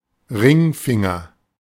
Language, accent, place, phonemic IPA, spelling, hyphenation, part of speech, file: German, Germany, Berlin, /ˈʁɪŋˌfɪŋɐ/, Ringfinger, Ring‧fin‧ger, noun, De-Ringfinger.ogg
- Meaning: ring finger (finger next to the little finger)